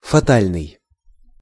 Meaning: 1. fate 2. inevitable 3. fatal
- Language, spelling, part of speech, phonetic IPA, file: Russian, фатальный, adjective, [fɐˈtalʲnɨj], Ru-фатальный.ogg